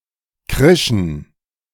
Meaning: first/third-person plural preterite of kreischen
- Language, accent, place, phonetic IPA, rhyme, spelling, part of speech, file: German, Germany, Berlin, [ˈkʁɪʃn̩], -ɪʃn̩, krischen, verb, De-krischen.ogg